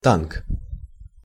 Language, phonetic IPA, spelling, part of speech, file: Russian, [tank], танк, noun, Ru-танк.ogg
- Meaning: 1. tank (vehicle) 2. tank (container)